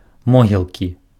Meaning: graveyard
- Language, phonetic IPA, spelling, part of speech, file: Belarusian, [ˈmoɣʲiɫkʲi], могілкі, noun, Be-могілкі.ogg